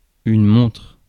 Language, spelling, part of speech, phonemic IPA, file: French, montre, noun / verb, /mɔ̃tʁ/, Fr-montre.ogg
- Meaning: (noun) 1. watch, wristwatch 2. display, showcase; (verb) inflection of montrer: 1. first/third-person singular present indicative/subjunctive 2. second-person singular imperative